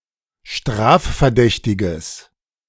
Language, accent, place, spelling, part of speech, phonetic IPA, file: German, Germany, Berlin, strafverdächtiges, adjective, [ˈʃtʁaːffɛɐ̯ˌdɛçtɪɡəs], De-strafverdächtiges.ogg
- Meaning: strong/mixed nominative/accusative neuter singular of strafverdächtig